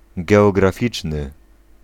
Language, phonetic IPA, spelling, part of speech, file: Polish, [ˌɡɛɔɡraˈfʲit͡ʃnɨ], geograficzny, adjective, Pl-geograficzny.ogg